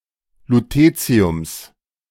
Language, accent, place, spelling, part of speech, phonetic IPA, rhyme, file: German, Germany, Berlin, Lutetiums, noun, [luˈteːt͡si̯ʊms], -eːt͡si̯ʊms, De-Lutetiums.ogg
- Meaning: genitive singular of Lutetium